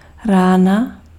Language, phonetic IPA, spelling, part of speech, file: Czech, [ˈraːna], rána, noun, Cs-rána.ogg
- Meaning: 1. wound (injury) 2. bang (a sudden percussive noise) 3. inflection of ráno: genitive singular 4. inflection of ráno: nominative/accusative/vocative plural